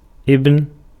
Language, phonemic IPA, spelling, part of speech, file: Arabic, /ibn/, ابن, noun, Ar-ابن.ogg
- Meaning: 1. son 2. descendant, scion 3. offspring, son of the fatherland 4. member (of a group or set of people or things)